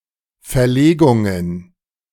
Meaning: plural of Verlegung
- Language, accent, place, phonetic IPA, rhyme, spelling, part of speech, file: German, Germany, Berlin, [fɛɐ̯ˈleːɡʊŋən], -eːɡʊŋən, Verlegungen, noun, De-Verlegungen.ogg